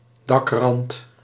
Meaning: eaves (underside of a roof that extends beyond the external walls of a building)
- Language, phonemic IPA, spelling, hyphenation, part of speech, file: Dutch, /ˈdɑkrɑnt/, dakrand, dak‧rand, noun, Nl-dakrand.ogg